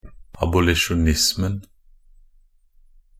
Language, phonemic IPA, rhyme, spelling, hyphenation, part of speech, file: Norwegian Bokmål, /abʊlɪʃʊˈnɪsmn̩/, -ɪsmn̩, abolisjonismen, a‧bo‧li‧sjo‧nis‧men, noun, Nb-abolisjonismen.ogg
- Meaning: definite singular of abolisjonisme